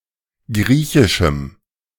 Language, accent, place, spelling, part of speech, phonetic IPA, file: German, Germany, Berlin, griechischem, adjective, [ˈɡʁiːçɪʃm̩], De-griechischem.ogg
- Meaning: strong dative masculine/neuter singular of griechisch